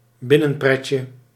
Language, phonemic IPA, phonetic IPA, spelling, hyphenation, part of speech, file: Dutch, /ˈbɪnə(n)ˌprɛtjə/, [ˈbɪ.nə(n)ˌprɛ.cə], binnenpretje, bin‧nen‧pret‧je, noun, Nl-binnenpretje.ogg
- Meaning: 1. diminutive of binnenpret 2. a private thought that causes one to laugh, seeming random to any onlookers